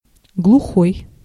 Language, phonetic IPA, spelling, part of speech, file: Russian, [ɡɫʊˈxoj], глухой, adjective / noun, Ru-глухой.ogg
- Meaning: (adjective) 1. deaf 2. dull, vague, muffled (sound) 3. unvoiced, voiceless (consonant) 4. out-of-the-way, remote, god-forsaken (place) 5. overgrown, wild (forest) 6. dead-end; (noun) deaf person